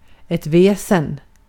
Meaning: 1. a supernatural being or creature 2. inner nature, the very most central things (of somebody or something); essence, etc 3. loud, bothersome (prolonged) noise
- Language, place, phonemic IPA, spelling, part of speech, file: Swedish, Gotland, /ˈvɛːsˈɛn/, väsen, noun, Sv-väsen.ogg